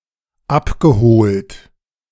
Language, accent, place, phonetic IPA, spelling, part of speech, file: German, Germany, Berlin, [ˈapɡəˌhoːlt], abgeholt, verb, De-abgeholt.ogg
- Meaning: past participle of abholen